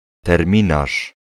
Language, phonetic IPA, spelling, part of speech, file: Polish, [tɛrˈmʲĩnaʃ], terminarz, noun, Pl-terminarz.ogg